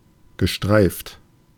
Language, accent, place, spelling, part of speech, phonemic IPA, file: German, Germany, Berlin, gestreift, adjective / verb, /ɡəˈʃtʁaɪ̯ft/, De-gestreift.ogg
- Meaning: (adjective) striped; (verb) past participle of streifen